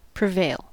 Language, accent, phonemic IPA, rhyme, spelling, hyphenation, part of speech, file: English, US, /pɹɪˈveɪl/, -eɪl, prevail, pre‧vail, verb, En-us-prevail.ogg
- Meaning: 1. To be superior in strength, dominance, influence, or frequency; to have or gain the advantage over others; to have the upper hand; to outnumber others 2. To triumph; to be victorious